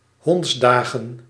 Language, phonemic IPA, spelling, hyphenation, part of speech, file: Dutch, /ˈɦɔntsˌdaː.ɣə(n)/, hondsdagen, honds‧da‧gen, noun, Nl-hondsdagen.ogg
- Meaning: 1. dog days 2. plural of hondsdag